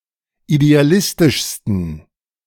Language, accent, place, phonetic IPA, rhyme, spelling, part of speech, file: German, Germany, Berlin, [ideaˈlɪstɪʃstn̩], -ɪstɪʃstn̩, idealistischsten, adjective, De-idealistischsten.ogg
- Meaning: 1. superlative degree of idealistisch 2. inflection of idealistisch: strong genitive masculine/neuter singular superlative degree